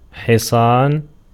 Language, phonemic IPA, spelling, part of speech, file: Arabic, /ħi.sˤaːn/, حصان, noun, Ar-حصان.ogg
- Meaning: 1. horse 2. stallion, stud, sire 3. knight 4. horsepower